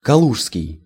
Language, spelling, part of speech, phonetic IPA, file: Russian, калужский, adjective, [kɐˈɫuʂskʲɪj], Ru-калужский.ogg
- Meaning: Kaluga (city in Russia)